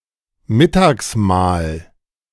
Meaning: luncheon
- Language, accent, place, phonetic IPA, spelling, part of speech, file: German, Germany, Berlin, [ˈmɪtaːksˌmaːl], Mittagsmahl, noun, De-Mittagsmahl.ogg